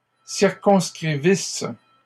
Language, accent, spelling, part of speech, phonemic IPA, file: French, Canada, circonscrivisses, verb, /siʁ.kɔ̃s.kʁi.vis/, LL-Q150 (fra)-circonscrivisses.wav
- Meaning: second-person singular imperfect subjunctive of circonscrire